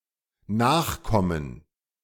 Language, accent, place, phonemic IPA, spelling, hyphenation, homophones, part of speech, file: German, Germany, Berlin, /ˈnaːxˌkɔmən/, nachkommen, nach‧kom‧men, Nachkommen, verb, De-nachkommen.ogg
- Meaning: 1. to come later; to come when others already have 2. to keep up (with); to keep track (of) 3. to comply (with); to meet; to satisfy 4. to take after